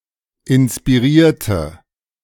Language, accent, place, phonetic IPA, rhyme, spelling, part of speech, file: German, Germany, Berlin, [ɪnspiˈʁiːɐ̯tə], -iːɐ̯tə, inspirierte, adjective / verb, De-inspirierte.ogg
- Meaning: inflection of inspirieren: 1. first/third-person singular preterite 2. first/third-person singular subjunctive II